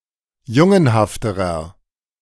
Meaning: inflection of jungenhaft: 1. strong/mixed nominative masculine singular comparative degree 2. strong genitive/dative feminine singular comparative degree 3. strong genitive plural comparative degree
- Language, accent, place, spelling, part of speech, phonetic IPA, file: German, Germany, Berlin, jungenhafterer, adjective, [ˈjʊŋənhaftəʁɐ], De-jungenhafterer.ogg